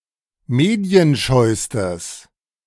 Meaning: strong/mixed nominative/accusative neuter singular superlative degree of medienscheu
- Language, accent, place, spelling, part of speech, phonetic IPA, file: German, Germany, Berlin, medienscheustes, adjective, [ˈmeːdi̯ənˌʃɔɪ̯stəs], De-medienscheustes.ogg